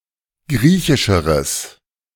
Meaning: strong/mixed nominative/accusative neuter singular comparative degree of griechisch
- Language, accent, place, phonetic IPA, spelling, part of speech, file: German, Germany, Berlin, [ˈɡʁiːçɪʃəʁəs], griechischeres, adjective, De-griechischeres.ogg